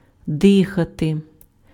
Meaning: to breathe
- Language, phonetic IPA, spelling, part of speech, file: Ukrainian, [ˈdɪxɐte], дихати, verb, Uk-дихати.ogg